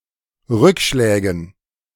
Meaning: dative plural of Rückschlag
- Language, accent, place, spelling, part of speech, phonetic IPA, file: German, Germany, Berlin, Rückschlägen, noun, [ˈʁʏkˌʃlɛːɡn̩], De-Rückschlägen.ogg